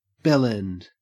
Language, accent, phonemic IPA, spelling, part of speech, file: English, Australia, /ˈbɛlɛnd/, bell-end, noun, En-au-bell-end.ogg
- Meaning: 1. Alternative spelling of bell end (“the flared end of a tube or instrument, curved like a bell”) 2. The glans penis 3. A stupid or contemptible person 4. Attributive form of bell end